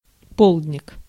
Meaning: afternoon snack, tea (light afternoon meal)
- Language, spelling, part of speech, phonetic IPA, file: Russian, полдник, noun, [ˈpoɫd⁽ʲ⁾nʲɪk], Ru-полдник.ogg